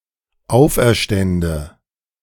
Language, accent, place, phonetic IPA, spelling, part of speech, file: German, Germany, Berlin, [ˈaʊ̯fʔɛɐ̯ˌʃtɛndə], auferstände, verb, De-auferstände.ogg
- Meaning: first/third-person singular dependent subjunctive II of auferstehen